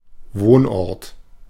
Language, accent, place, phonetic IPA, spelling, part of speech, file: German, Germany, Berlin, [ˈvoːnˌʔɔʁt], Wohnort, noun, De-Wohnort.ogg
- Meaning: place of residence